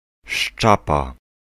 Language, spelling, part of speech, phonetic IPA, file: Polish, szczapa, noun, [ˈʃt͡ʃapa], Pl-szczapa.ogg